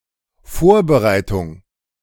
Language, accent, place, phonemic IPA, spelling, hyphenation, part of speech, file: German, Germany, Berlin, /ˈfoːɐ̯bəˌʀaɪ̯tʊŋ/, Vorbereitung, Vor‧be‧rei‧tung, noun, De-Vorbereitung.ogg
- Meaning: preparation